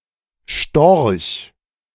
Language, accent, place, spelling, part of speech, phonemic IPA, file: German, Germany, Berlin, Storch, noun, /ʃtɔrç/, De-Storch.ogg
- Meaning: stork (bird)